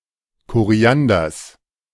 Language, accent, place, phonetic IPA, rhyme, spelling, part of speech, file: German, Germany, Berlin, [koˈʁi̯andɐs], -andɐs, Korianders, noun, De-Korianders.ogg
- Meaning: genitive singular of Koriander